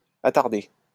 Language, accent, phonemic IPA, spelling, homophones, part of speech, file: French, France, /a.taʁ.de/, attardée, attardai / attardé / attardées / attarder / attardés / attardez, verb, LL-Q150 (fra)-attardée.wav
- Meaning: feminine singular of attardé